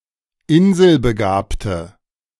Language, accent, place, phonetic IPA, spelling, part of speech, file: German, Germany, Berlin, [ˈɪnzəlbəˌɡaːptə], inselbegabte, adjective, De-inselbegabte.ogg
- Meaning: inflection of inselbegabt: 1. strong/mixed nominative/accusative feminine singular 2. strong nominative/accusative plural 3. weak nominative all-gender singular